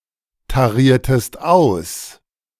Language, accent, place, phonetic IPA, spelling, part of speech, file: German, Germany, Berlin, [taˌʁiːɐ̯təst ˈaʊ̯s], tariertest aus, verb, De-tariertest aus.ogg
- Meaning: inflection of austarieren: 1. second-person singular preterite 2. second-person singular subjunctive II